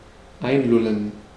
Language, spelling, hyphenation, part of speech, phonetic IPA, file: German, einlullen, ein‧lul‧len, verb, [ˈaɪ̯nˌlʊlən], De-einlullen.ogg
- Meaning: to lull (to sleep)